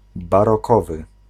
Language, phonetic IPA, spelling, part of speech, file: Polish, [ˌbarɔˈkɔvɨ], barokowy, adjective, Pl-barokowy.ogg